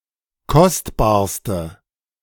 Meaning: inflection of kostbar: 1. strong/mixed nominative/accusative feminine singular superlative degree 2. strong nominative/accusative plural superlative degree
- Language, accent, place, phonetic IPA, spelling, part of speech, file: German, Germany, Berlin, [ˈkɔstbaːɐ̯stə], kostbarste, adjective, De-kostbarste.ogg